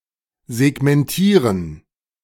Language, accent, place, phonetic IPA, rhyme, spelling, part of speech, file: German, Germany, Berlin, [zɛɡmɛnˈtiːʁən], -iːʁən, segmentieren, verb, De-segmentieren.ogg
- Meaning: to segment